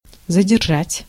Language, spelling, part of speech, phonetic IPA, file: Russian, задержать, verb, [zədʲɪrˈʐatʲ], Ru-задержать.ogg
- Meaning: 1. to hold up, detain, to hold back, to stop 2. to delay, to check 3. to arrest, to detain 4. to slow down, to retard, to delay, to hamper